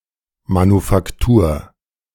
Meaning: 1. manufactory 2. manufacture
- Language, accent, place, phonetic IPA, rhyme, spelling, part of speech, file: German, Germany, Berlin, [manufakˈtuːɐ̯], -uːɐ̯, Manufaktur, noun, De-Manufaktur.ogg